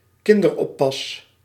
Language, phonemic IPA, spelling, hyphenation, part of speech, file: Dutch, /ˈkɪn.dərˌɔ.pɑs/, kinderoppas, kin‧der‧op‧pas, noun, Nl-kinderoppas.ogg
- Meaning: 1. babysitter 2. babysitting, childcare